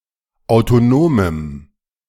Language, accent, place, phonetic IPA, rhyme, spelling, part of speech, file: German, Germany, Berlin, [aʊ̯toˈnoːməm], -oːməm, autonomem, adjective, De-autonomem.ogg
- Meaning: strong dative masculine/neuter singular of autonom